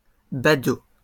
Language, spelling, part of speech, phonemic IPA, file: French, badauds, noun, /ba.do/, LL-Q150 (fra)-badauds.wav
- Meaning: plural of badaud